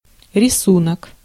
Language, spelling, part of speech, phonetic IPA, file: Russian, рисунок, noun, [rʲɪˈsunək], Ru-рисунок.ogg
- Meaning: 1. drawing 2. pattern